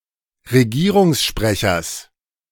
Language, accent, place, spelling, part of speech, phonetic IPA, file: German, Germany, Berlin, Regierungssprechers, noun, [ʁeˈɡiːʁʊŋsˌʃpʁɛçɐs], De-Regierungssprechers.ogg
- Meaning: genitive singular of Regierungssprecher